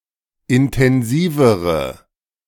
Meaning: inflection of intensiv: 1. strong/mixed nominative/accusative feminine singular comparative degree 2. strong nominative/accusative plural comparative degree
- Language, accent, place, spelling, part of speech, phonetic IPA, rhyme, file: German, Germany, Berlin, intensivere, adjective, [ɪntɛnˈziːvəʁə], -iːvəʁə, De-intensivere.ogg